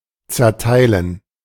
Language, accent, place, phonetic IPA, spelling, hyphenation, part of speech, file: German, Germany, Berlin, [t͡sɛɐ̯ˈtaɪ̯lən], zerteilen, zer‧tei‧len, verb, De-zerteilen.ogg
- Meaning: 1. to divide, split up 2. to disperse, split up